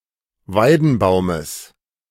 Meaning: genitive singular of Weidenbaum
- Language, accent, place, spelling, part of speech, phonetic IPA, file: German, Germany, Berlin, Weidenbaumes, noun, [ˈvaɪ̯dn̩ˌbaʊ̯məs], De-Weidenbaumes.ogg